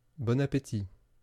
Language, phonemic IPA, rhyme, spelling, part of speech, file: French, /bɔ.n‿a.pe.ti/, -i, bon appétit, phrase, Fr-bon appétit.wav
- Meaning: bon appétit, enjoy your meal